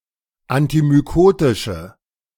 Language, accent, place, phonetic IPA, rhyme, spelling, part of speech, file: German, Germany, Berlin, [antimyˈkoːtɪʃə], -oːtɪʃə, antimykotische, adjective, De-antimykotische.ogg
- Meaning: inflection of antimykotisch: 1. strong/mixed nominative/accusative feminine singular 2. strong nominative/accusative plural 3. weak nominative all-gender singular